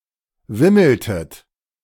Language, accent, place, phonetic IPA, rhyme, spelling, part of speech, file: German, Germany, Berlin, [ˈvɪml̩tət], -ɪml̩tət, wimmeltet, verb, De-wimmeltet.ogg
- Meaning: inflection of wimmeln: 1. second-person plural preterite 2. second-person plural subjunctive II